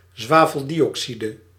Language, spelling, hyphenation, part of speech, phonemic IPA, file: Dutch, zwaveldioxide, zwa‧vel‧di‧oxi‧de, noun, /ˌzʋaː.vəl.di.ɔkˈsi.də/, Nl-zwaveldioxide.ogg
- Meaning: sulfur dioxide